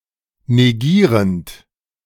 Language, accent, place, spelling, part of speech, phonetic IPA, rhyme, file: German, Germany, Berlin, negierend, verb, [neˈɡiːʁənt], -iːʁənt, De-negierend.ogg
- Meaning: present participle of negieren